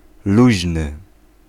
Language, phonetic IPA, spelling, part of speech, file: Polish, [ˈluʑnɨ], luźny, adjective, Pl-luźny.ogg